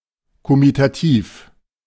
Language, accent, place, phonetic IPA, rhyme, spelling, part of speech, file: German, Germany, Berlin, [komitaˈtiːf], -iːf, Komitativ, noun, De-Komitativ.ogg
- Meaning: comitative